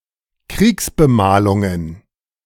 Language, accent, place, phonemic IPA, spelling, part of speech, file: German, Germany, Berlin, /ˈkʁiːksbəˌmaːlʊŋən/, Kriegsbemalungen, noun, De-Kriegsbemalungen.ogg
- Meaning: plural of Kriegsbemalung